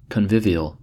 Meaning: Having elements of a feast or of entertainment, especially when it comes to eating and drinking, with accompanying festivity
- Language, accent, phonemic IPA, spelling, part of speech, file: English, US, /kənˈvɪv.i.əl/, convivial, adjective, En-us-convivial.ogg